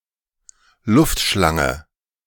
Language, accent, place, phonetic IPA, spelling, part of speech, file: German, Germany, Berlin, [ˈlʊftˌʃlaŋə], Luftschlange, noun, De-Luftschlange.ogg
- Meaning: paper streamer